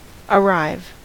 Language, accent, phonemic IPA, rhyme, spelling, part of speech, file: English, US, /əˈɹaɪv/, -aɪv, arrive, verb, En-us-arrive.ogg
- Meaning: 1. To reach; to get to a certain place 2. To obtain a level of success or fame; to succeed 3. To come; said of time 4. To happen or occur 5. To achieve orgasm; to cum; to ejaculate